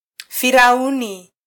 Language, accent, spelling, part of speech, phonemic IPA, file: Swahili, Kenya, firauni, noun, /fi.ɾɑˈu.ni/, Sw-ke-firauni.flac
- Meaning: 1. pharaoh (supreme ruler of ancient Egypt) 2. a bad person